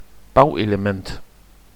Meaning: 1. device 2. component, module 3. part, element
- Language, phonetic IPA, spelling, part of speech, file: German, [ˈbaʊ̯ʔeleˌmɛnt], Bauelement, noun, De-Bauelement.ogg